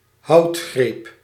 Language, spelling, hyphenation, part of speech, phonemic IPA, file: Dutch, houdgreep, houd‧greep, noun, /ˈɦɑu̯t.xreːp/, Nl-houdgreep.ogg
- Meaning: 1. grappling hold 2. deadlock